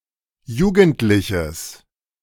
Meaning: strong/mixed nominative/accusative neuter singular of jugendlich
- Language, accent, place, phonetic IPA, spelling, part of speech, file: German, Germany, Berlin, [ˈjuːɡn̩tlɪçəs], jugendliches, adjective, De-jugendliches.ogg